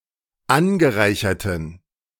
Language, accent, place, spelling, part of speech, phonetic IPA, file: German, Germany, Berlin, angereicherten, adjective, [ˈanɡəˌʁaɪ̯çɐtn̩], De-angereicherten.ogg
- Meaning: inflection of angereichert: 1. strong genitive masculine/neuter singular 2. weak/mixed genitive/dative all-gender singular 3. strong/weak/mixed accusative masculine singular 4. strong dative plural